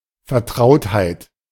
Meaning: familiarity
- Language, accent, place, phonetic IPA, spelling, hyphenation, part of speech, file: German, Germany, Berlin, [fɛɐ̯ˈtʁaʊ̯thaɪ̯t], Vertrautheit, Ver‧traut‧heit, noun, De-Vertrautheit.ogg